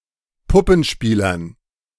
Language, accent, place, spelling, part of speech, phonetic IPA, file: German, Germany, Berlin, Puppenspielern, noun, [ˈpʊpn̩ˌʃpiːlɐn], De-Puppenspielern.ogg
- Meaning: dative plural of Puppenspieler